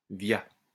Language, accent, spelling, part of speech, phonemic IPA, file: French, France, via, preposition, /vja/, LL-Q150 (fra)-via.wav
- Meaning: via, through, by way of